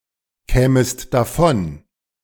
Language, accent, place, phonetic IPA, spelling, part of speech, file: German, Germany, Berlin, [ˌkɛːməst daˈfɔn], kämest davon, verb, De-kämest davon.ogg
- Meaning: second-person singular subjunctive II of davonkommen